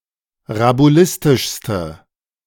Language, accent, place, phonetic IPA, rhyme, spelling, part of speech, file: German, Germany, Berlin, [ʁabuˈlɪstɪʃstə], -ɪstɪʃstə, rabulistischste, adjective, De-rabulistischste.ogg
- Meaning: inflection of rabulistisch: 1. strong/mixed nominative/accusative feminine singular superlative degree 2. strong nominative/accusative plural superlative degree